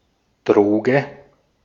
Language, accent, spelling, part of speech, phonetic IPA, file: German, Austria, Droge, noun, [ˈdʁoːɡə], De-at-Droge.ogg
- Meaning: 1. drug (psychoactive substance, especially one which is illegal) 2. drug (substance used to treat an illness)